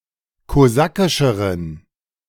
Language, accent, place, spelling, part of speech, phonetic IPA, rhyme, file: German, Germany, Berlin, kosakischeren, adjective, [koˈzakɪʃəʁən], -akɪʃəʁən, De-kosakischeren.ogg
- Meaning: inflection of kosakisch: 1. strong genitive masculine/neuter singular comparative degree 2. weak/mixed genitive/dative all-gender singular comparative degree